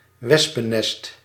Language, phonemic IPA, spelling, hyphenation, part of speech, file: Dutch, /ˈʋɛs.pəˌnɛst/, wespennest, wes‧pen‧nest, noun, Nl-wespennest.ogg
- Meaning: 1. a wasps' nest 2. a difficult situation, a hornets' nest